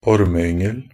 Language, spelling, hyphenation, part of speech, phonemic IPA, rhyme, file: Norwegian Bokmål, ormeyngel, or‧me‧yng‧el, noun, /ɔɾməʏŋəl/, -əl, Nb-ormeyngel.ogg
- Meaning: 1. a fry of (venomous) worms 2. contemptible, abominable offspring